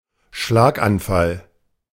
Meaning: apoplexy, stroke
- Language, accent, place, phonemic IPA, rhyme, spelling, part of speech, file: German, Germany, Berlin, /ˈʃlaːkʔanˌfal/, -al, Schlaganfall, noun, De-Schlaganfall.ogg